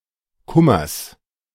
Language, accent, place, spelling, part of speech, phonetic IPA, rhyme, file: German, Germany, Berlin, Kummers, noun, [ˈkʊmɐs], -ʊmɐs, De-Kummers.ogg
- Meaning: genitive singular of Kummer